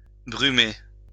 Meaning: to fog, to be foggy
- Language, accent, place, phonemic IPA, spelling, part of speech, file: French, France, Lyon, /bʁy.me/, brumer, verb, LL-Q150 (fra)-brumer.wav